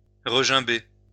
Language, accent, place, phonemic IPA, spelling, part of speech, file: French, France, Lyon, /ʁə.ʒɛ̃.be/, regimber, verb, LL-Q150 (fra)-regimber.wav
- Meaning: 1. to jib (of a horse) 2. to jib (to be reluctant to do something)